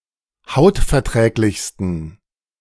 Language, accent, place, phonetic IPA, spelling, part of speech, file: German, Germany, Berlin, [ˈhaʊ̯tfɛɐ̯ˌtʁɛːklɪçstn̩], hautverträglichsten, adjective, De-hautverträglichsten.ogg
- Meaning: 1. superlative degree of hautverträglich 2. inflection of hautverträglich: strong genitive masculine/neuter singular superlative degree